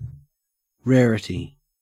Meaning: 1. A measure of the scarcity of an object 2. Thinness; the property of having low density 3. A rare object
- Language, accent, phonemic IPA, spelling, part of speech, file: English, Australia, /ˈɹeːɹəti/, rarity, noun, En-au-rarity.ogg